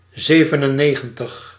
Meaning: ninety-seven
- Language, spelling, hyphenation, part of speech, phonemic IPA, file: Dutch, zevenennegentig, ze‧ven‧en‧ne‧gen‧tig, numeral, /ˌzeː.və.nəˈneː.ɣə(n).təx/, Nl-zevenennegentig.ogg